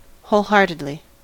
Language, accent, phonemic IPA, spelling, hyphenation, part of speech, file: English, General American, /ˌhoʊlˈhɑɹtədli/, wholeheartedly, whole‧heart‧ed‧ly, adverb, En-us-wholeheartedly.ogg
- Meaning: In a wholehearted (“showing enthusiastic and unconditional commitment”) manner; without reserve; enthusiastically, unreservedly